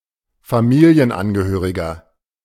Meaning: 1. family member (male or unspecified) 2. inflection of Familienangehörige: strong genitive/dative singular 3. inflection of Familienangehörige: strong genitive plural
- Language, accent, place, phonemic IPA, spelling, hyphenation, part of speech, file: German, Germany, Berlin, /faˈmiːli̯ənˌanɡəhøːʁɪɡɐ/, Familienangehöriger, Fa‧mi‧li‧en‧an‧ge‧hö‧ri‧ger, noun, De-Familienangehöriger.ogg